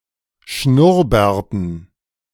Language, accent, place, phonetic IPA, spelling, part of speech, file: German, Germany, Berlin, [ˈʃnʊʁˌbɛːɐ̯tn̩], Schnurrbärten, noun, De-Schnurrbärten.ogg
- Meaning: dative plural of Schnurrbart